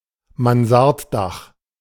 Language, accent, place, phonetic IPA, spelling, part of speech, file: German, Germany, Berlin, [manˈzaʁtˌdax], Mansarddach, noun, De-Mansarddach.ogg
- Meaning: mansard roof